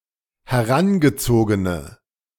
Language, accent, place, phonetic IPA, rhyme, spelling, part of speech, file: German, Germany, Berlin, [hɛˈʁanɡəˌt͡soːɡənə], -anɡət͡soːɡənə, herangezogene, adjective, De-herangezogene.ogg
- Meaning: inflection of herangezogen: 1. strong/mixed nominative/accusative feminine singular 2. strong nominative/accusative plural 3. weak nominative all-gender singular